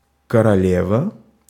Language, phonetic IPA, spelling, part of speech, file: Russian, [kərɐˈlʲevə], королева, noun, Ru-королева.ogg
- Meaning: 1. female equivalent of коро́ль (korólʹ): queen 2. queen (Russian abbreviation: Ф)